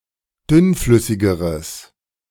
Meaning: strong/mixed nominative/accusative neuter singular comparative degree of dünnflüssig
- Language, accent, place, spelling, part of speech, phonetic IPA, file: German, Germany, Berlin, dünnflüssigeres, adjective, [ˈdʏnˌflʏsɪɡəʁəs], De-dünnflüssigeres.ogg